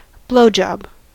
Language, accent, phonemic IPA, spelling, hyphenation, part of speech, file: English, US, /ˈbloʊ.d͡ʒɑb/, blowjob, blow‧job, noun, En-us-blowjob.ogg
- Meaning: 1. An act of fellatio, or sucking a penis or other phallic object (such as a dildo) 2. A display of excessive praise